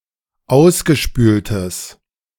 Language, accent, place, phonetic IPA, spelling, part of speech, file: German, Germany, Berlin, [ˈaʊ̯sɡəˌʃpyːltəs], ausgespültes, adjective, De-ausgespültes.ogg
- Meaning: strong/mixed nominative/accusative neuter singular of ausgespült